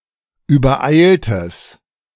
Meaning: strong/mixed nominative/accusative neuter singular of übereilt
- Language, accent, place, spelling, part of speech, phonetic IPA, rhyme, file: German, Germany, Berlin, übereiltes, adjective, [yːbɐˈʔaɪ̯ltəs], -aɪ̯ltəs, De-übereiltes.ogg